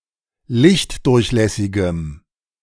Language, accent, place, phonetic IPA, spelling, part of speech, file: German, Germany, Berlin, [ˈlɪçtˌdʊʁçlɛsɪɡəm], lichtdurchlässigem, adjective, De-lichtdurchlässigem.ogg
- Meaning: strong dative masculine/neuter singular of lichtdurchlässig